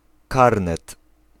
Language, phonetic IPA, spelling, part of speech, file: Polish, [ˈkarnɛt], karnet, noun, Pl-karnet.ogg